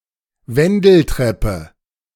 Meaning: spiral stairs, spiral staircase, circular stairs, helical stairs
- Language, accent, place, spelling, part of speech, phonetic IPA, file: German, Germany, Berlin, Wendeltreppe, noun, [ˈvɛndl̩ˌtʁɛpə], De-Wendeltreppe.ogg